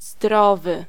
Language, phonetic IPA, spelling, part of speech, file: Polish, [ˈzdrɔvɨ], zdrowy, adjective, Pl-zdrowy.ogg